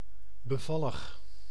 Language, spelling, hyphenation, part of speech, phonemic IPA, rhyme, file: Dutch, bevallig, be‧val‧lig, adjective, /bəˈvɑləx/, -ɑləx, Nl-bevallig.ogg
- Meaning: charming, graceful, demure